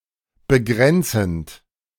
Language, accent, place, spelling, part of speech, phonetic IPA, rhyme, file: German, Germany, Berlin, begrenzend, verb, [bəˈɡʁɛnt͡sn̩t], -ɛnt͡sn̩t, De-begrenzend.ogg
- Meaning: present participle of begrenzen